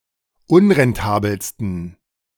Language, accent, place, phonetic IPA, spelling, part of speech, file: German, Germany, Berlin, [ˈʊnʁɛnˌtaːbl̩stn̩], unrentabelsten, adjective, De-unrentabelsten.ogg
- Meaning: 1. superlative degree of unrentabel 2. inflection of unrentabel: strong genitive masculine/neuter singular superlative degree